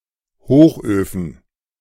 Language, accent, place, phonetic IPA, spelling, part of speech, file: German, Germany, Berlin, [ˈhoːxʔøːfn̩], Hochöfen, noun, De-Hochöfen.ogg
- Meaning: plural of Hochofen